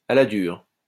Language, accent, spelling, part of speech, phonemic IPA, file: French, France, à la dure, adverb, /a la dyʁ/, LL-Q150 (fra)-à la dure.wav
- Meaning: the hard way, in a tough manner, roughly